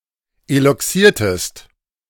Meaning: inflection of eloxieren: 1. second-person singular preterite 2. second-person singular subjunctive II
- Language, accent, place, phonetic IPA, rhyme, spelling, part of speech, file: German, Germany, Berlin, [elɔˈksiːɐ̯təst], -iːɐ̯təst, eloxiertest, verb, De-eloxiertest.ogg